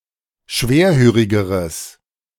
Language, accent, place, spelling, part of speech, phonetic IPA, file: German, Germany, Berlin, schwerhörigeres, adjective, [ˈʃveːɐ̯ˌhøːʁɪɡəʁəs], De-schwerhörigeres.ogg
- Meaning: strong/mixed nominative/accusative neuter singular comparative degree of schwerhörig